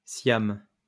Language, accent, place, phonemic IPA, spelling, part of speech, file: French, France, Lyon, /sjam/, Siam, proper noun, LL-Q150 (fra)-Siam.wav
- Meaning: Siam (former name of Thailand: a country in Southeast Asia)